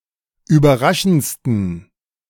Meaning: 1. superlative degree of überraschend 2. inflection of überraschend: strong genitive masculine/neuter singular superlative degree
- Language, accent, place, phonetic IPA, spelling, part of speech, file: German, Germany, Berlin, [yːbɐˈʁaʃn̩t͡stən], überraschendsten, adjective, De-überraschendsten.ogg